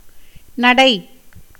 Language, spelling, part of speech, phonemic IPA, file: Tamil, நடை, noun, /nɐɖɐɪ̯/, Ta-நடை.ogg
- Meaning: 1. walk, walking 2. way, path, route, road 3. gait, bearing 4. conduct, behavior, career 5. style, form, manner 6. custom, usage 7. foot 8. dance 9. daily worship in a temple